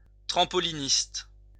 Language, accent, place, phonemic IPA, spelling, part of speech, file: French, France, Lyon, /tʁɑ̃.pɔ.li.nist/, trampoliniste, noun, LL-Q150 (fra)-trampoliniste.wav
- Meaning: trampolinist